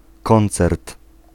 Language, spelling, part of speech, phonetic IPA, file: Polish, koncert, noun, [ˈkɔ̃nt͡sɛrt], Pl-koncert.ogg